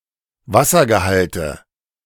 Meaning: nominative/accusative/genitive plural of Wassergehalt
- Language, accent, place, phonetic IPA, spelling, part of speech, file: German, Germany, Berlin, [ˈvasɐɡəˌhaltə], Wassergehalte, noun, De-Wassergehalte.ogg